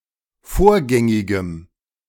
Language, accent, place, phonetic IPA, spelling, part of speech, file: German, Germany, Berlin, [ˈfoːɐ̯ˌɡɛŋɪɡəm], vorgängigem, adjective, De-vorgängigem.ogg
- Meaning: strong dative masculine/neuter singular of vorgängig